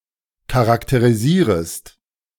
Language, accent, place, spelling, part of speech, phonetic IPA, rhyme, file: German, Germany, Berlin, charakterisierest, verb, [kaʁakteʁiˈziːʁəst], -iːʁəst, De-charakterisierest.ogg
- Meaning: second-person singular subjunctive I of charakterisieren